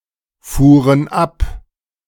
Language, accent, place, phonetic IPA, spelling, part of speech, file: German, Germany, Berlin, [ˌfuːʁən ˈap], fuhren ab, verb, De-fuhren ab.ogg
- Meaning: first/third-person plural preterite of abfahren